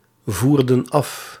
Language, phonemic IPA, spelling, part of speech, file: Dutch, /ˈvurdə(n) ˈɑf/, voerden af, verb, Nl-voerden af.ogg
- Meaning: inflection of afvoeren: 1. plural past indicative 2. plural past subjunctive